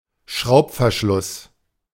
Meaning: screw cap
- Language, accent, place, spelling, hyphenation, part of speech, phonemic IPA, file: German, Germany, Berlin, Schraubverschluss, Schraub‧ver‧schluss, noun, /ˈʃʁaʊ̯pfɛɐ̯ˌʃlʊs/, De-Schraubverschluss.ogg